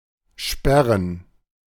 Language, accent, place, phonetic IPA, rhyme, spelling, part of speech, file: German, Germany, Berlin, [ˈʃpɛʁən], -ɛʁən, Sperren, noun, De-Sperren.ogg
- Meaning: plural of Sperre